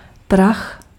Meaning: dust
- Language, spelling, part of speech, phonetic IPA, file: Czech, prach, noun, [ˈprax], Cs-prach.ogg